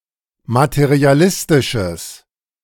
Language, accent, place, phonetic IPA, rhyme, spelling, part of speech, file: German, Germany, Berlin, [matəʁiaˈlɪstɪʃəs], -ɪstɪʃəs, materialistisches, adjective, De-materialistisches.ogg
- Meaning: strong/mixed nominative/accusative neuter singular of materialistisch